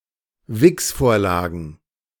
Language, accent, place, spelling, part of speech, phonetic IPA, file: German, Germany, Berlin, Wichsvorlagen, noun, [ˈvɪksˌfoːɐ̯laːɡn̩], De-Wichsvorlagen.ogg
- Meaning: plural of Wichsvorlage